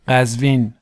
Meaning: 1. Qazvin (a city in Iran, the seat of Qazvin County's Central District and the capital of Qazvin Province) 2. Qazvin (a county of Iran, around the city) 3. Qazvin (a province of Iran)
- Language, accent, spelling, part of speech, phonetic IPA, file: Persian, Iran, قزوین, proper noun, [qæz.víːn], Qazvin.ogg